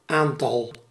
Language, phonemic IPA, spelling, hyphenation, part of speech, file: Dutch, /ˈaːn.tɑl/, aantal, aan‧tal, noun, Nl-aantal.ogg
- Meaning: 1. countable amount 2. a number, a plurality 3. a few